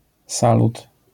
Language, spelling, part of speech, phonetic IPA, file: Polish, salut, noun, [ˈsalut], LL-Q809 (pol)-salut.wav